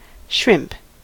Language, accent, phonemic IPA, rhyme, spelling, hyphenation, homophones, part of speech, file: English, US, /ʃɹɪmp/, -ɪmp, shrimp, shrimp, Shrimp / SHRIMP, noun / verb, En-us-shrimp.ogg
- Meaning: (noun) Any of many swimming, often edible, crustaceans, chiefly of the infraorder Caridea or the suborder Dendrobranchiata, with slender legs, long whiskers and a long abdomen